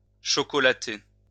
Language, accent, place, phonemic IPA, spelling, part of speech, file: French, France, Lyon, /ʃɔ.kɔ.la.te/, chocolater, verb, LL-Q150 (fra)-chocolater.wav
- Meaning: to add chocolate to, to cover with chocolate